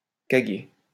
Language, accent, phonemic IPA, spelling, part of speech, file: French, France, /ka.ɡe/, caguer, verb, LL-Q150 (fra)-caguer.wav
- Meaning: to defecate